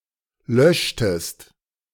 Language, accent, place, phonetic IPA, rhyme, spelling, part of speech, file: German, Germany, Berlin, [ˈlœʃtəst], -œʃtəst, löschtest, verb, De-löschtest.ogg
- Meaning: inflection of löschen: 1. second-person singular preterite 2. second-person singular subjunctive II